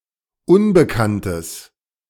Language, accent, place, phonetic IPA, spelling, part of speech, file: German, Germany, Berlin, [ˈʊnbəkantəs], unbekanntes, adjective, De-unbekanntes.ogg
- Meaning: strong/mixed nominative/accusative neuter singular of unbekannt